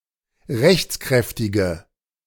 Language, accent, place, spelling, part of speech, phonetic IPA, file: German, Germany, Berlin, rechtskräftige, adjective, [ˈʁɛçt͡sˌkʁɛftɪɡə], De-rechtskräftige.ogg
- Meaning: inflection of rechtskräftig: 1. strong/mixed nominative/accusative feminine singular 2. strong nominative/accusative plural 3. weak nominative all-gender singular